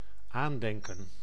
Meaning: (noun) 1. an instance of calling to mind or remembering 2. a keepsake, object recalling a memory 3. attention; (verb) to remember, to think about/of, to call to mind, to commemorate
- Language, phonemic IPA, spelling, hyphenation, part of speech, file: Dutch, /ˈaːn.dɛŋ.kə(n)/, aandenken, aan‧den‧ken, noun / verb, Nl-aandenken.ogg